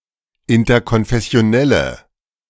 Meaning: inflection of interkonfessionell: 1. strong/mixed nominative/accusative feminine singular 2. strong nominative/accusative plural 3. weak nominative all-gender singular
- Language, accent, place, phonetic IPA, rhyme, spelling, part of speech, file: German, Germany, Berlin, [ɪntɐkɔnfɛsi̯oˈnɛlə], -ɛlə, interkonfessionelle, adjective, De-interkonfessionelle.ogg